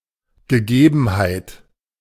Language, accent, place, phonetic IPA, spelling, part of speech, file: German, Germany, Berlin, [ɡəˈɡeːbn̩haɪ̯t], Gegebenheit, noun, De-Gegebenheit.ogg
- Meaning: 1. condition, situation 2. fact, datum